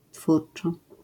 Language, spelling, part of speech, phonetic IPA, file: Polish, twórczo, adverb, [ˈtfurt͡ʃɔ], LL-Q809 (pol)-twórczo.wav